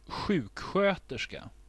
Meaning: 1. a nurse 2. a nurse: a senior nurse (ward nurse with university degree)
- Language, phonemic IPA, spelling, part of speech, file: Swedish, /²ɧʉːkˌɧøːtɛʂka/, sjuksköterska, noun, Sv-sjuksköterska.ogg